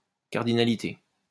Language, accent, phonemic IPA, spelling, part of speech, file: French, France, /kaʁ.di.na.li.te/, cardinalité, noun, LL-Q150 (fra)-cardinalité.wav
- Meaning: cardinality